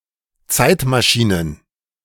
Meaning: plural of Zeitmaschine
- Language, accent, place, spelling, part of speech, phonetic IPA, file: German, Germany, Berlin, Zeitmaschinen, noun, [ˈt͡saɪ̯tmaˌʃiːnən], De-Zeitmaschinen.ogg